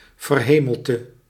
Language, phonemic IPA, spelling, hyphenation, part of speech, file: Dutch, /vərˈɦeː.məl.tə/, verhemelte, ver‧he‧mel‧te, noun, Nl-verhemelte.ogg
- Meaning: 1. palate 2. canopy, baldachin